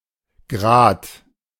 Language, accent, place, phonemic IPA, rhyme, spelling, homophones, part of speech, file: German, Germany, Berlin, /ɡʁaːt/, -aːt, Grat, Grad / grad, noun, De-Grat.ogg
- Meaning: 1. ridge 2. edge 3. flash 4. burr